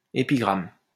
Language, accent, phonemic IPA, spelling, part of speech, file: French, France, /e.pi.ɡʁam/, épigramme, noun, LL-Q150 (fra)-épigramme.wav
- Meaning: epigram